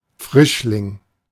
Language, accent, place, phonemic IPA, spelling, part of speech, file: German, Germany, Berlin, /ˈfʁɪʃlɪŋ/, Frischling, noun, De-Frischling.ogg
- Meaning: 1. A young/immature wild boar. The generic term is Wildschwein 2. freshman 3. adolescent girl 4. young animal